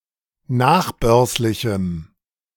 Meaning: strong dative masculine/neuter singular of nachbörslich
- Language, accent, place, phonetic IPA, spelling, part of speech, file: German, Germany, Berlin, [ˈnaːxˌbœʁslɪçm̩], nachbörslichem, adjective, De-nachbörslichem.ogg